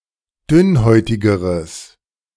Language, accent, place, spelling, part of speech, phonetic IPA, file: German, Germany, Berlin, dünnhäutigeres, adjective, [ˈdʏnˌhɔɪ̯tɪɡəʁəs], De-dünnhäutigeres.ogg
- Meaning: strong/mixed nominative/accusative neuter singular comparative degree of dünnhäutig